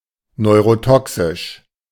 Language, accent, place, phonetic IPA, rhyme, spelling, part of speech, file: German, Germany, Berlin, [nɔɪ̯ʁoˈtɔksɪʃ], -ɔksɪʃ, neurotoxisch, adjective, De-neurotoxisch.ogg
- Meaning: neurotoxic